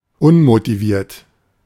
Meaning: 1. unmotivated 2. motiveless
- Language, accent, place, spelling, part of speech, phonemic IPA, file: German, Germany, Berlin, unmotiviert, adjective, /ˈʊnmotiˌviːɐ̯t/, De-unmotiviert.ogg